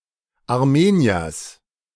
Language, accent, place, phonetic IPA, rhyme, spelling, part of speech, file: German, Germany, Berlin, [aʁˈmeːni̯ɐs], -eːni̯ɐs, Armeniers, noun, De-Armeniers.ogg
- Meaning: genitive singular of Armenier